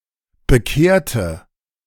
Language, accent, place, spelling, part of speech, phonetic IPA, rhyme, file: German, Germany, Berlin, bekehrte, adjective / verb, [bəˈkeːɐ̯tə], -eːɐ̯tə, De-bekehrte.ogg
- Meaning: inflection of bekehren: 1. first/third-person singular preterite 2. first/third-person singular subjunctive II